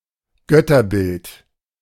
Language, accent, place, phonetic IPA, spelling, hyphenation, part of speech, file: German, Germany, Berlin, [ˈɡœtɐˌbɪlt], Götterbild, Göt‧ter‧bild, noun, De-Götterbild.ogg
- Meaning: idol